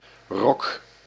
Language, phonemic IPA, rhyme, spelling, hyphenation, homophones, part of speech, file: Dutch, /rɔk/, -ɔk, rok, rok, rock, noun, Nl-rok.ogg
- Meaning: 1. skirt (clothing) 2. full dress, white tie (formal clothing) 3. layer on a bulb such as an onion 4. surcoat 5. alternative form of rokken